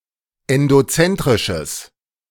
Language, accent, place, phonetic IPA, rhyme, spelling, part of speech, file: German, Germany, Berlin, [ɛndoˈt͡sɛntʁɪʃəs], -ɛntʁɪʃəs, endozentrisches, adjective, De-endozentrisches.ogg
- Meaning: strong/mixed nominative/accusative neuter singular of endozentrisch